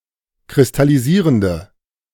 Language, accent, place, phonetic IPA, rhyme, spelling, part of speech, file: German, Germany, Berlin, [kʁɪstaliˈziːʁəndə], -iːʁəndə, kristallisierende, adjective, De-kristallisierende.ogg
- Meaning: inflection of kristallisierend: 1. strong/mixed nominative/accusative feminine singular 2. strong nominative/accusative plural 3. weak nominative all-gender singular